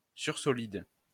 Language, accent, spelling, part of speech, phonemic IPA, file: French, France, sursolide, noun, /syʁ.sɔ.lid/, LL-Q150 (fra)-sursolide.wav
- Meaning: sursolid